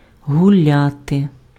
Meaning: 1. to walk 2. to stroll 3. to spend time with fun, to have fun 4. to spend time drinking alcohol, to booze 5. to be in a close romantic relationship 6. to play a game 7. not to be used 8. to bash
- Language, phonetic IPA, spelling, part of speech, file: Ukrainian, [ɦʊˈlʲate], гуляти, verb, Uk-гуляти.ogg